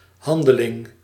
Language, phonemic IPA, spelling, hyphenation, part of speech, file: Dutch, /ˈhɑndəlɪŋ/, handeling, han‧de‧ling, noun, Nl-handeling.ogg
- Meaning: act, action